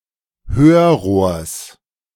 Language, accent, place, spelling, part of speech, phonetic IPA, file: German, Germany, Berlin, Hörrohrs, noun, [ˈhøːɐ̯ˌʁoːɐ̯s], De-Hörrohrs.ogg
- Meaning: genitive singular of Hörrohr